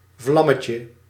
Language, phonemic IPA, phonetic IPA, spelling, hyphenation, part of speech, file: Dutch, /ˈvlɑ.mə.tjə/, [ˈvlɑ.mə.cə], vlammetje, vlam‧me‧tje, noun, Nl-vlammetje.ogg
- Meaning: 1. diminutive of vlam 2. a small, deep-fried egg roll containing spicy mince